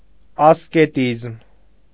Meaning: asceticism
- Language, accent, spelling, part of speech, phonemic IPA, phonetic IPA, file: Armenian, Eastern Armenian, ասկետիզմ, noun, /ɑskeˈtizm/, [ɑsketízm], Hy-ասկետիզմ.ogg